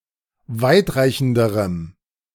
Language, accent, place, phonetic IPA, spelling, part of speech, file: German, Germany, Berlin, [ˈvaɪ̯tˌʁaɪ̯çn̩dəʁəm], weitreichenderem, adjective, De-weitreichenderem.ogg
- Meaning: strong dative masculine/neuter singular comparative degree of weitreichend